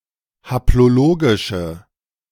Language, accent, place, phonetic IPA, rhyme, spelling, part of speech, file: German, Germany, Berlin, [haploˈloːɡɪʃə], -oːɡɪʃə, haplologische, adjective, De-haplologische.ogg
- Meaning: inflection of haplologisch: 1. strong/mixed nominative/accusative feminine singular 2. strong nominative/accusative plural 3. weak nominative all-gender singular